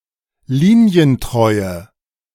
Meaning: inflection of linientreu: 1. strong/mixed nominative/accusative feminine singular 2. strong nominative/accusative plural 3. weak nominative all-gender singular
- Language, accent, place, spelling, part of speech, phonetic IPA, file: German, Germany, Berlin, linientreue, adjective, [ˈliːni̯ənˌtʁɔɪ̯ə], De-linientreue.ogg